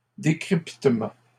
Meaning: decryption
- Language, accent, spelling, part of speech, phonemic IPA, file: French, Canada, décryptement, noun, /de.kʁip.tə.mɑ̃/, LL-Q150 (fra)-décryptement.wav